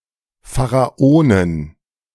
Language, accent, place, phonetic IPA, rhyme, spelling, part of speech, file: German, Germany, Berlin, [faʁaˈoːnən], -oːnən, Pharaonen, noun, De-Pharaonen.ogg
- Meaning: plural of Pharao